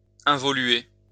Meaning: to regress
- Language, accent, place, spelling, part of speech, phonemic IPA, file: French, France, Lyon, involuer, verb, /ɛ̃.vɔ.lɥe/, LL-Q150 (fra)-involuer.wav